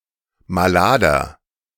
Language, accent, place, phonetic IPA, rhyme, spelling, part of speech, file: German, Germany, Berlin, [maˈlaːdɐ], -aːdɐ, malader, adjective, De-malader.ogg
- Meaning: 1. comparative degree of malad 2. inflection of malad: strong/mixed nominative masculine singular 3. inflection of malad: strong genitive/dative feminine singular